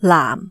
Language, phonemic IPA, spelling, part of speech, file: Cantonese, /laːm˩/, laam4, romanization, Yue-laam4.ogg
- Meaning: 1. Jyutping transcription of 藍 /蓝 2. Jyutping transcription of 婪